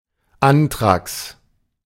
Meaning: anthrax
- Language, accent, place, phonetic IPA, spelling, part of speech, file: German, Germany, Berlin, [ˈantʁaks], Anthrax, noun, De-Anthrax.ogg